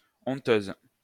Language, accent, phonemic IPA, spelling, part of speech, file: French, France, /ɔ̃.tøz/, honteuse, adjective, LL-Q150 (fra)-honteuse.wav
- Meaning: feminine singular of honteux